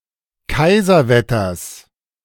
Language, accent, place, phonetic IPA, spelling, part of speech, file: German, Germany, Berlin, [ˈkaɪ̯zɐˌvɛtɐs], Kaiserwetters, noun, De-Kaiserwetters.ogg
- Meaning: genitive singular of Kaiserwetter